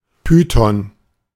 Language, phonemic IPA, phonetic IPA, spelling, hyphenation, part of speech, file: German, /ˈpyːtɔn/, [ˈpyː.tɔn], Python, Py‧thon, noun / proper noun, De-Python.ogg
- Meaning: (noun) python (snake); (proper noun) Python